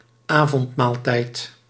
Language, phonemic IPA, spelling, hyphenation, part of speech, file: Dutch, /ˈaː.vɔntˌmaːl.tɛi̯t/, avondmaaltijd, avond‧maal‧tijd, noun, Nl-avondmaaltijd.ogg
- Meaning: dinner, supper, the evening meal